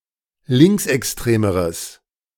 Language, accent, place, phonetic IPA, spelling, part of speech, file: German, Germany, Berlin, [ˈlɪŋksʔɛksˌtʁeːməʁəs], linksextremeres, adjective, De-linksextremeres.ogg
- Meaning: strong/mixed nominative/accusative neuter singular comparative degree of linksextrem